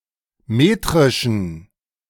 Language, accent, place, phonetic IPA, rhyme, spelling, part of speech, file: German, Germany, Berlin, [ˈmeːtʁɪʃn̩], -eːtʁɪʃn̩, metrischen, adjective, De-metrischen.ogg
- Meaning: inflection of metrisch: 1. strong genitive masculine/neuter singular 2. weak/mixed genitive/dative all-gender singular 3. strong/weak/mixed accusative masculine singular 4. strong dative plural